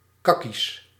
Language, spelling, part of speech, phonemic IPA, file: Dutch, kakkies, noun, /ˈkɑ.kis/, Nl-kakkies.ogg
- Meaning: plural of kakkie